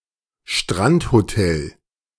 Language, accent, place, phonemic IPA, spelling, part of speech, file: German, Germany, Berlin, /ˈʃtʁanthoˌtɛl/, Strandhotel, noun, De-Strandhotel.ogg
- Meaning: beach hotel